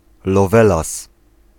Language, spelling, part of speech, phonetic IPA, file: Polish, lowelas, noun, [lɔˈvɛlas], Pl-lowelas.ogg